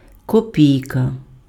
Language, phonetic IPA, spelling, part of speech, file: Ukrainian, [koˈpʲii̯kɐ], копійка, noun, Uk-копійка.ogg
- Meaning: kopek, kopeck, kopiyka; also copeck (one 100th of hryvnia, the monetary unit of Ukraine)